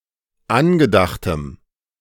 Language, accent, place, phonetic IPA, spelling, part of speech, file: German, Germany, Berlin, [ˈanɡəˌdaxtəm], angedachtem, adjective, De-angedachtem.ogg
- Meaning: strong dative masculine/neuter singular of angedacht